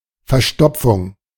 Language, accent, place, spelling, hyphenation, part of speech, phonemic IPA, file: German, Germany, Berlin, Verstopfung, Ver‧stop‧fung, noun, /fɛʁˈʃtɔpfʊŋ/, De-Verstopfung.ogg
- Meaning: 1. constipation 2. block, blockage